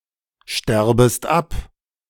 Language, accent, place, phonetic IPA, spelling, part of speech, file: German, Germany, Berlin, [ˌʃtɛʁbəst ˈap], sterbest ab, verb, De-sterbest ab.ogg
- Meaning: second-person singular subjunctive I of absterben